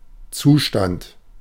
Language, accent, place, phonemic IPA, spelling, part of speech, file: German, Germany, Berlin, /ˈt͡suːˌʃtant/, Zustand, noun, De-Zustand.ogg
- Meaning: 1. condition; state 2. state pattern 3. predicate of a sentence